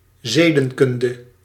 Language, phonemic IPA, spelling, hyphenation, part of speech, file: Dutch, /ˈzeː.də(n)ˌkʏn.də/, zedenkunde, ze‧den‧kun‧de, noun, Nl-zedenkunde.ogg
- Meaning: ethics